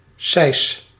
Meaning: 1. a siskin, any member of the genus Spinus, or a closely-related small cardueline songbird 2. the Eurasian siskin, Spinus spinus as a species or any member thereof
- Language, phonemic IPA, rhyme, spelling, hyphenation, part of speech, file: Dutch, /sɛi̯s/, -ɛi̯s, sijs, sijs, noun, Nl-sijs.ogg